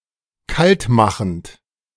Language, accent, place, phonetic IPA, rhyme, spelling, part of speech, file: German, Germany, Berlin, [ˈkaltˌmaxn̩t], -altmaxn̩t, kaltmachend, verb, De-kaltmachend.ogg
- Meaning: present participle of kaltmachen